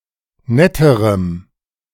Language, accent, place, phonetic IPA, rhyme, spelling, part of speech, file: German, Germany, Berlin, [ˈnɛtəʁəm], -ɛtəʁəm, netterem, adjective, De-netterem.ogg
- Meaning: strong dative masculine/neuter singular comparative degree of nett